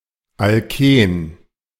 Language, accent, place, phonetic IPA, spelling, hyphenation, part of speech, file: German, Germany, Berlin, [alˈkeːn], Alken, Al‧ken, noun, De-Alken.ogg
- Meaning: alkene